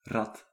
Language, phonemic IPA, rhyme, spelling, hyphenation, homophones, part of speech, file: Dutch, /rɑt/, -ɑt, rat, rat, rad, noun, Nl-rat.ogg
- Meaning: a rat, medium-sized rodent belonging to the genus Rattus, or of certain other genera in the family Muridae